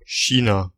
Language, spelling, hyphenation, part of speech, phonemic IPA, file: German, China, Chi‧na, proper noun, /ˈçiːna/, De-China.ogg
- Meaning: China (a country in East Asia)